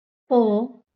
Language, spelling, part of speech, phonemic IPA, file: Marathi, प, character, /pə/, LL-Q1571 (mar)-प.wav
- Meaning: The twentieth consonant in Marathi